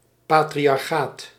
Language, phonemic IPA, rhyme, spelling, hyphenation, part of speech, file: Dutch, /ˌpaː.tri.ɑrˈxaːt/, -aːt, patriarchaat, pa‧tri‧ar‧chaat, noun, Nl-patriarchaat.ogg
- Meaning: patriarchy